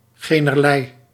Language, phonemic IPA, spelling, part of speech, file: Dutch, /ˈɣeː.nərˌlɛi̯/, generlei, pronoun, Nl-generlei.ogg
- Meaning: no … whatsoever, no … at all